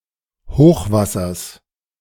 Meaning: genitive singular of Hochwasser
- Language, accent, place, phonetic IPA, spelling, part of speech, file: German, Germany, Berlin, [ˈhoːxvasɐs], Hochwassers, noun, De-Hochwassers.ogg